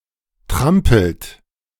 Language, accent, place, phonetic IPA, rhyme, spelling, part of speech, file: German, Germany, Berlin, [ˈtʁampl̩t], -ampl̩t, trampelt, verb, De-trampelt.ogg
- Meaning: inflection of trampeln: 1. third-person singular present 2. second-person plural present 3. plural imperative